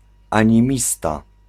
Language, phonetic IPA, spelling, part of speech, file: Polish, [ˌãɲĩˈmʲista], animista, noun, Pl-animista.ogg